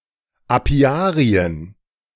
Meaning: plural of Apiarium
- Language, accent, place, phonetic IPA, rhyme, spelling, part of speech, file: German, Germany, Berlin, [aˈpi̯aːʁiən], -aːʁiən, Apiarien, noun, De-Apiarien.ogg